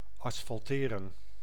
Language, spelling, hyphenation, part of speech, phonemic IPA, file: Dutch, asfalteren, as‧fal‧te‧ren, verb, /ˌɑs.fɑlˈteː.rə(n)/, Nl-asfalteren.ogg
- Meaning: to asphalt, to pave with asphalt